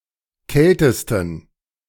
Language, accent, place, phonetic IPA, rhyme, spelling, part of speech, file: German, Germany, Berlin, [ˈkɛltəstn̩], -ɛltəstn̩, kältesten, adjective, De-kältesten.ogg
- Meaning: superlative degree of kalt